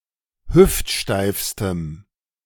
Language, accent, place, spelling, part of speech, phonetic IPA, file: German, Germany, Berlin, hüftsteifstem, adjective, [ˈhʏftˌʃtaɪ̯fstəm], De-hüftsteifstem.ogg
- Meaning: strong dative masculine/neuter singular superlative degree of hüftsteif